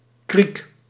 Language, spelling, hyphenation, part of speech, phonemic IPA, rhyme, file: Dutch, kriek, kriek, noun, /krik/, -ik, Nl-kriek.ogg
- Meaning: 1. morello cherry Prunus cerasus 2. kriek (cherry beer) 3. a cricket, insect of the family Gryllidae